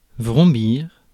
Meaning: to hum, whirr
- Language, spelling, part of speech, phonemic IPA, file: French, vrombir, verb, /vʁɔ̃.biʁ/, Fr-vrombir.ogg